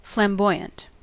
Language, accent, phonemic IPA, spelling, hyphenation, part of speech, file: English, US, /flæmˈbɔɪ.(j)ənt/, flamboyant, flam‧boy‧ant, adjective / noun, En-us-flamboyant.ogg
- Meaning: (adjective) 1. Showy, bold or audacious in behaviour, appearance, style, etc.; ostentatious 2. Referring to the final stage of French Gothic architecture from the 14th to the 16th centuries